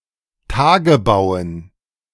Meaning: dative plural of Tagebau
- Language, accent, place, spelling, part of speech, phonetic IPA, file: German, Germany, Berlin, Tagebauen, noun, [ˈtaːɡəˌbaʊ̯ən], De-Tagebauen.ogg